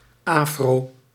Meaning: afro, fro
- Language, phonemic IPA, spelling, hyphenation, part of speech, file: Dutch, /ˈaː.froː/, afro, afro, noun, Nl-afro.ogg